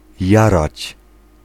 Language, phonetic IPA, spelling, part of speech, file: Polish, [ˈjarat͡ɕ], jarać, verb, Pl-jarać.ogg